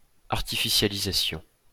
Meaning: artificialization
- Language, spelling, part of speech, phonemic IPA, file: French, artificialisation, noun, /aʁ.ti.fi.sja.li.za.sjɔ̃/, LL-Q150 (fra)-artificialisation.wav